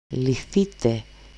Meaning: 1. second-person plural dependent passive of λύνω (lýno) 2. passive plural perfective imperative of λύνω (lýno)
- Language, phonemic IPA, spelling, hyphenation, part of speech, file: Greek, /liˈθite/, λυθείτε, λυ‧θεί‧τε, verb, El-λυθείτε.ogg